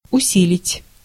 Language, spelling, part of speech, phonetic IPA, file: Russian, усилить, verb, [ʊˈsʲilʲɪtʲ], Ru-усилить.ogg
- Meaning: to strengthen, to reinforce, to amplify